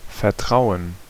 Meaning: to trust, to place confidence in
- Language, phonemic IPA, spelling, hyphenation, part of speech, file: German, /fɛɐ̯ˈtʁaʊ̯ən/, vertrauen, ver‧trau‧en, verb, De-vertrauen.ogg